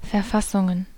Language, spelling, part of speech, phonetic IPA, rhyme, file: German, Verfassungen, noun, [fɛɐ̯ˈfasʊŋən], -asʊŋən, De-Verfassungen.ogg
- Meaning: plural of Verfassung